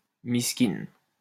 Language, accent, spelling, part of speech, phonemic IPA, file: French, France, miskine, noun, /mis.kin/, LL-Q150 (fra)-miskine.wav
- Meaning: pitiable person